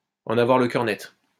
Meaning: to be certain, to be sure of it
- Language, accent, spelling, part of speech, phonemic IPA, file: French, France, en avoir le cœur net, verb, /ɑ̃.n‿a.vwaʁ lə kœʁ nɛt/, LL-Q150 (fra)-en avoir le cœur net.wav